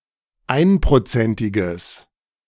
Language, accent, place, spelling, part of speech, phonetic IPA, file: German, Germany, Berlin, einprozentiges, adjective, [ˈaɪ̯npʁoˌt͡sɛntɪɡəs], De-einprozentiges.ogg
- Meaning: strong/mixed nominative/accusative neuter singular of einprozentig